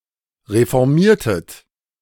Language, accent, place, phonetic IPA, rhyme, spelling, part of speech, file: German, Germany, Berlin, [ʁefɔʁˈmiːɐ̯tət], -iːɐ̯tət, reformiertet, verb, De-reformiertet.ogg
- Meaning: inflection of reformieren: 1. second-person plural preterite 2. second-person plural subjunctive II